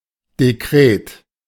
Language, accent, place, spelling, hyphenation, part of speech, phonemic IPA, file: German, Germany, Berlin, Dekret, De‧kret, noun, /deˈkʁeːt/, De-Dekret.ogg
- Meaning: decree